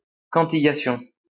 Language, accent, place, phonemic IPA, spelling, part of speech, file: French, France, Lyon, /kɑ̃.ti.ja.sjɔ̃/, cantillation, noun, LL-Q150 (fra)-cantillation.wav
- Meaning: cantillation (the act of cantillating)